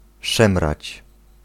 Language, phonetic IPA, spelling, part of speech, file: Polish, [ˈʃɛ̃mrat͡ɕ], szemrać, verb, Pl-szemrać.ogg